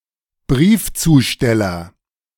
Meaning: mailman, postman, postie, mail carrier, letter carrier, mailperson (male or of unspecified gender)
- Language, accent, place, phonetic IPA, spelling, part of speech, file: German, Germany, Berlin, [ˈbʁiːft͡suːˌʃtɛlɐ], Briefzusteller, noun, De-Briefzusteller.ogg